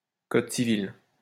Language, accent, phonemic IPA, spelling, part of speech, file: French, France, /kɔd si.vil/, code civil, noun, LL-Q150 (fra)-code civil.wav
- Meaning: civil code